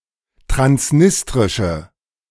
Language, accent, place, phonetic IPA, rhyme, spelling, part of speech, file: German, Germany, Berlin, [tʁansˈnɪstʁɪʃə], -ɪstʁɪʃə, transnistrische, adjective, De-transnistrische.ogg
- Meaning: inflection of transnistrisch: 1. strong/mixed nominative/accusative feminine singular 2. strong nominative/accusative plural 3. weak nominative all-gender singular